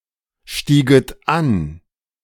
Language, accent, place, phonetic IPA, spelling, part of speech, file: German, Germany, Berlin, [ˌʃtiːɡət ˈan], stieget an, verb, De-stieget an.ogg
- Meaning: second-person plural subjunctive II of ansteigen